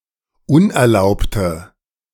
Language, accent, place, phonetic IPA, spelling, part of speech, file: German, Germany, Berlin, [ˈʊnʔɛɐ̯ˌlaʊ̯ptə], unerlaubte, adjective, De-unerlaubte.ogg
- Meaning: inflection of unerlaubt: 1. strong/mixed nominative/accusative feminine singular 2. strong nominative/accusative plural 3. weak nominative all-gender singular